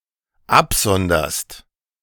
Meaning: second-person singular dependent present of absondern
- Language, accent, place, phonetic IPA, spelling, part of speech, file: German, Germany, Berlin, [ˈapˌzɔndɐst], absonderst, verb, De-absonderst.ogg